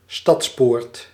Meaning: city gate
- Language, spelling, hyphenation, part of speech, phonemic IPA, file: Dutch, stadspoort, stads‧poort, noun, /ˈstɑts.poːrt/, Nl-stadspoort.ogg